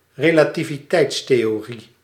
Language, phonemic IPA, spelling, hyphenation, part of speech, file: Dutch, /reː.laː.ti.viˈtɛi̯ts.teː.oːˌri/, relativiteitstheorie, re‧la‧ti‧vi‧teits‧the‧o‧rie, noun, Nl-relativiteitstheorie.ogg
- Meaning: theory of relativity